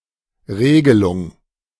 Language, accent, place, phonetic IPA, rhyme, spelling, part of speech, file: German, Germany, Berlin, [ˈʁeːɡəlʊŋ], -eːɡəlʊŋ, Regelung, noun, De-Regelung.ogg
- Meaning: 1. regulation 2. control (method of governing the performance of an apparatus)